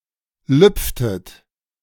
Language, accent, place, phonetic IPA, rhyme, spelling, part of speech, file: German, Germany, Berlin, [ˈlʏp͡ftət], -ʏp͡ftət, lüpftet, verb, De-lüpftet.ogg
- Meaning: inflection of lüpfen: 1. second-person plural preterite 2. second-person plural subjunctive II